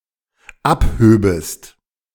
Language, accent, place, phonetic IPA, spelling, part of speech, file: German, Germany, Berlin, [ˈapˌhøːbəst], abhöbest, verb, De-abhöbest.ogg
- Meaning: second-person singular dependent subjunctive II of abheben